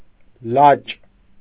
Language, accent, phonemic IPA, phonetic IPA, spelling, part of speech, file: Armenian, Eastern Armenian, /lɑt͡ʃ/, [lɑt͡ʃ], լաճ, noun, Hy-լաճ.ogg
- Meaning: boy